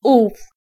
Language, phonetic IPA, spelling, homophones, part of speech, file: Polish, [uf], ów, -ów, pronoun, Pl-ów.ogg